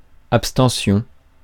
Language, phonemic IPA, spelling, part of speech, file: French, /ap.stɑ̃.sjɔ̃/, abstention, noun, Fr-abstention.ogg
- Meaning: abstention